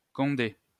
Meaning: cop, rozzer, jake
- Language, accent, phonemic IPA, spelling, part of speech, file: French, France, /kɔ̃.de/, condé, noun, LL-Q150 (fra)-condé.wav